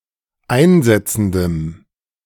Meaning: strong dative masculine/neuter singular of einsetzend
- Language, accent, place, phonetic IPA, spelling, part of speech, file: German, Germany, Berlin, [ˈaɪ̯nˌzɛt͡sn̩dəm], einsetzendem, adjective, De-einsetzendem.ogg